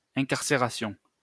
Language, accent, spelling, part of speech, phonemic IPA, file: French, France, incarcération, noun, /ɛ̃.kaʁ.se.ʁa.sjɔ̃/, LL-Q150 (fra)-incarcération.wav
- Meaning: incarceration, imprisonment